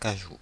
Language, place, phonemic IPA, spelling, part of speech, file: French, Paris, /ka.ʒu/, cajou, noun, Fr-cajou.oga
- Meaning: cashew (tree)